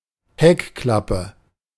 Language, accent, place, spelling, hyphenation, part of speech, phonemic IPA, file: German, Germany, Berlin, Heckklappe, Heck‧klap‧pe, noun, /ˈhɛkˌklapə/, De-Heckklappe.ogg
- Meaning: tailgate